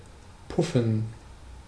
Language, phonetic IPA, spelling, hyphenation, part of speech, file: German, [ˈpʊfn̩], puffen, puf‧fen, verb, De-puffen.ogg
- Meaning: 1. to puff 2. to nudge